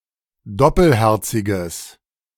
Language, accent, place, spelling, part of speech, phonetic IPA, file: German, Germany, Berlin, doppelherziges, adjective, [ˈdɔpəlˌhɛʁt͡sɪɡəs], De-doppelherziges.ogg
- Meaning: strong/mixed nominative/accusative neuter singular of doppelherzig